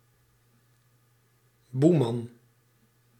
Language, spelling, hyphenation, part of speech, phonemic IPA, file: Dutch, boeman, boe‧man, noun, /ˈbu.mɑn/, Nl-boeman.ogg
- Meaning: 1. bogeyman 2. bugbear, bête noire